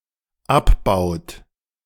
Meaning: inflection of abbauen: 1. third-person singular dependent present 2. second-person plural dependent present
- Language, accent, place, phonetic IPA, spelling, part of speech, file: German, Germany, Berlin, [ˈapˌbaʊ̯t], abbaut, verb, De-abbaut.ogg